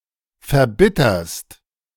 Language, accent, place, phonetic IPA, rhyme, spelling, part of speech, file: German, Germany, Berlin, [fɛɐ̯ˈbɪtɐst], -ɪtɐst, verbitterst, verb, De-verbitterst.ogg
- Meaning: second-person singular present of verbittern